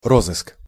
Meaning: search, investigation
- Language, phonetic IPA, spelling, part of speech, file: Russian, [ˈrozɨsk], розыск, noun, Ru-розыск.ogg